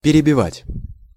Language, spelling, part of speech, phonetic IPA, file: Russian, перебивать, verb, [pʲɪrʲɪbʲɪˈvatʲ], Ru-перебивать.ogg
- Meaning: imperfective form of переби́ть (perebítʹ)